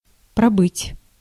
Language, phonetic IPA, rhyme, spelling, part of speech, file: Russian, [prɐˈbɨtʲ], -ɨtʲ, пробыть, verb, Ru-пробыть.ogg
- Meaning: to stay (somewhere)